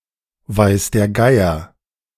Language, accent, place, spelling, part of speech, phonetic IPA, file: German, Germany, Berlin, weiß der Geier, phrase, [vaɪ̯s deːɐ̯ ˈɡaɪ̯ɐ], De-weiß der Geier.ogg
- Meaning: God knows, no one knows